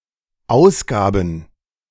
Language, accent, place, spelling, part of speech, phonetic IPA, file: German, Germany, Berlin, Ausgaben, noun, [ˈaʊ̯sˌɡaːbn̩], De-Ausgaben.ogg
- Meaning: plural of Ausgabe